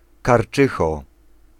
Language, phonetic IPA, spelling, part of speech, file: Polish, [karˈt͡ʃɨxɔ], karczycho, noun, Pl-karczycho.ogg